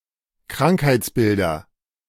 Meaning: nominative/accusative/genitive plural of Krankheitsbild
- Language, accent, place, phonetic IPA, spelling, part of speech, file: German, Germany, Berlin, [ˈkʁaŋkhaɪ̯t͡sˌbɪldɐ], Krankheitsbilder, noun, De-Krankheitsbilder.ogg